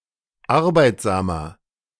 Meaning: 1. comparative degree of arbeitsam 2. inflection of arbeitsam: strong/mixed nominative masculine singular 3. inflection of arbeitsam: strong genitive/dative feminine singular
- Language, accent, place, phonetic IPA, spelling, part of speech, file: German, Germany, Berlin, [ˈaʁbaɪ̯tzaːmɐ], arbeitsamer, adjective, De-arbeitsamer.ogg